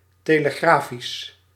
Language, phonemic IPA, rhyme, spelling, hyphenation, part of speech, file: Dutch, /ˌteː.ləˈɣraː.fis/, -aːfis, telegrafisch, te‧le‧gra‧fisch, adjective, Nl-telegrafisch.ogg
- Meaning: telegraphic